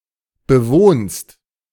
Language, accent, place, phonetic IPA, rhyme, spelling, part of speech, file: German, Germany, Berlin, [bəˈvoːnst], -oːnst, bewohnst, verb, De-bewohnst.ogg
- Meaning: second-person singular present of bewohnen